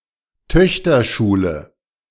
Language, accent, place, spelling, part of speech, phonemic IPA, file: German, Germany, Berlin, Töchterschule, noun, /ˈtœçtɐˌʃuːlə/, De-Töchterschule.ogg
- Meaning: synonym of Lyzeum (“grammar school for girls”)